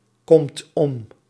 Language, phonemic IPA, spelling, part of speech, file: Dutch, /ˈkɔmt ˈɔm/, komt om, verb, Nl-komt om.ogg
- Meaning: inflection of omkomen: 1. second/third-person singular present indicative 2. plural imperative